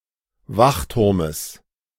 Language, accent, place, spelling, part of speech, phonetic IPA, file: German, Germany, Berlin, Wachturmes, noun, [ˈvaxˌtʊʁməs], De-Wachturmes.ogg
- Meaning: genitive of Wachturm